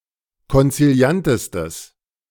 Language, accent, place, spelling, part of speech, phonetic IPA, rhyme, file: German, Germany, Berlin, konziliantestes, adjective, [kɔnt͡siˈli̯antəstəs], -antəstəs, De-konziliantestes.ogg
- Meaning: strong/mixed nominative/accusative neuter singular superlative degree of konziliant